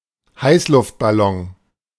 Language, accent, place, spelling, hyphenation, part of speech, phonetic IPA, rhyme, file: German, Germany, Berlin, Heißluftballon, Heiß‧luft‧bal‧lon, noun, [ˈhaɪ̯slʊftbaˌlɔŋ], -ɔŋ, De-Heißluftballon.ogg
- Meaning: hot-air balloon